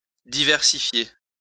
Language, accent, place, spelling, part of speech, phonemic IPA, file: French, France, Lyon, diversifier, verb, /di.vɛʁ.si.fje/, LL-Q150 (fra)-diversifier.wav
- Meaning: to diversify, broaden